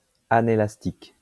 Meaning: inelastic
- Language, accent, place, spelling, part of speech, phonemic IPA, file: French, France, Lyon, anélastique, adjective, /a.ne.las.tik/, LL-Q150 (fra)-anélastique.wav